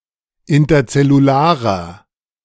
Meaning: inflection of interzellular: 1. strong/mixed nominative masculine singular 2. strong genitive/dative feminine singular 3. strong genitive plural
- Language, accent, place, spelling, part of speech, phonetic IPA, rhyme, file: German, Germany, Berlin, interzellularer, adjective, [ɪntɐt͡sɛluˈlaːʁɐ], -aːʁɐ, De-interzellularer.ogg